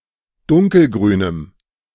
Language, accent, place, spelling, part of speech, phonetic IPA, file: German, Germany, Berlin, dunkelgrünem, adjective, [ˈdʊŋkəlˌɡʁyːnəm], De-dunkelgrünem.ogg
- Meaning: strong dative masculine/neuter singular of dunkelgrün